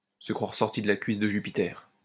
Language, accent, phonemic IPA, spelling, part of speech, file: French, France, /sə kʁwaʁ sɔʁ.ti d(ə) la kɥis də ʒy.pi.tɛʁ/, se croire sorti de la cuisse de Jupiter, verb, LL-Q150 (fra)-se croire sorti de la cuisse de Jupiter.wav
- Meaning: to think one is God's gift to the world, to think one is the business, to be full of oneself, to think one is the bee's knees, to think highly of oneself